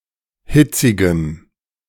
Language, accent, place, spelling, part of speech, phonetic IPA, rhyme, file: German, Germany, Berlin, hitzigem, adjective, [ˈhɪt͡sɪɡəm], -ɪt͡sɪɡəm, De-hitzigem.ogg
- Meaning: strong dative masculine/neuter singular of hitzig